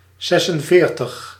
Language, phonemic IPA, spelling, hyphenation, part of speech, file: Dutch, /ˈzɛsənˌveːrtəx/, zesenveertig, zes‧en‧veer‧tig, numeral, Nl-zesenveertig.ogg
- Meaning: forty-six